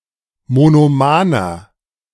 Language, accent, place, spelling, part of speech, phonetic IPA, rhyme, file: German, Germany, Berlin, monomaner, adjective, [monoˈmaːnɐ], -aːnɐ, De-monomaner.ogg
- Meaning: inflection of monoman: 1. strong/mixed nominative masculine singular 2. strong genitive/dative feminine singular 3. strong genitive plural